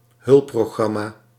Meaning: 1. a software utility, a program aiding in a specific task 2. an aid programme
- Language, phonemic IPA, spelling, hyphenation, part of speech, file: Dutch, /ˈɦʏlp.proːˌɣrɑ.maː/, hulpprogramma, hulp‧pro‧gram‧ma, noun, Nl-hulpprogramma.ogg